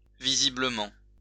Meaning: 1. visibly 2. apparently
- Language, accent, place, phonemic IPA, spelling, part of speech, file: French, France, Lyon, /vi.zi.blə.mɑ̃/, visiblement, adverb, LL-Q150 (fra)-visiblement.wav